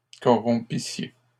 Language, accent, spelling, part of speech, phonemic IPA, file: French, Canada, corrompissiez, verb, /kɔ.ʁɔ̃.pi.sje/, LL-Q150 (fra)-corrompissiez.wav
- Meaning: second-person plural imperfect subjunctive of corrompre